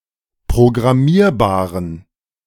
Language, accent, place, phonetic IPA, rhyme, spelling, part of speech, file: German, Germany, Berlin, [pʁoɡʁaˈmiːɐ̯baːʁən], -iːɐ̯baːʁən, programmierbaren, adjective, De-programmierbaren.ogg
- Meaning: inflection of programmierbar: 1. strong genitive masculine/neuter singular 2. weak/mixed genitive/dative all-gender singular 3. strong/weak/mixed accusative masculine singular 4. strong dative plural